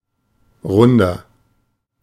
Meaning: 1. comparative degree of rund 2. inflection of rund: strong/mixed nominative masculine singular 3. inflection of rund: strong genitive/dative feminine singular
- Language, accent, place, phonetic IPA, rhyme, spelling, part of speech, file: German, Germany, Berlin, [ˈʁʊndɐ], -ʊndɐ, runder, adjective, De-runder.ogg